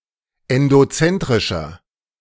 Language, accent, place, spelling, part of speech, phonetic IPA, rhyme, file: German, Germany, Berlin, endozentrischer, adjective, [ɛndoˈt͡sɛntʁɪʃɐ], -ɛntʁɪʃɐ, De-endozentrischer.ogg
- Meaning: inflection of endozentrisch: 1. strong/mixed nominative masculine singular 2. strong genitive/dative feminine singular 3. strong genitive plural